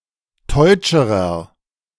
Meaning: inflection of teutsch: 1. strong/mixed nominative masculine singular comparative degree 2. strong genitive/dative feminine singular comparative degree 3. strong genitive plural comparative degree
- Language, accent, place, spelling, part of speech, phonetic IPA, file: German, Germany, Berlin, teutscherer, adjective, [ˈtɔɪ̯t͡ʃəʁɐ], De-teutscherer.ogg